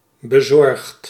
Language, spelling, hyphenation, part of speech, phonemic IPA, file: Dutch, bezorgd, be‧zorgd, adjective / verb, /bəˈzɔrxt/, Nl-bezorgd.ogg
- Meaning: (adjective) concerned, anxious; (verb) past participle of bezorgen